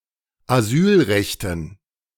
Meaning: dative plural of Asylrecht
- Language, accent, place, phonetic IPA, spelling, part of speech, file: German, Germany, Berlin, [aˈzyːlˌʁɛçtn̩], Asylrechten, noun, De-Asylrechten.ogg